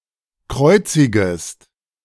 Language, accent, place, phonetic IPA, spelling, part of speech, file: German, Germany, Berlin, [ˈkʁɔɪ̯t͡sɪɡəst], kreuzigest, verb, De-kreuzigest.ogg
- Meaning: second-person singular subjunctive I of kreuzigen